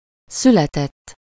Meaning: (verb) 1. third-person singular indicative past indefinite of születik 2. past participle of születik: born
- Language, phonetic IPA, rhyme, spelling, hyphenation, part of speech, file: Hungarian, [ˈsylɛtɛtː], -ɛtː, született, szü‧le‧tett, verb / adjective, Hu-született.ogg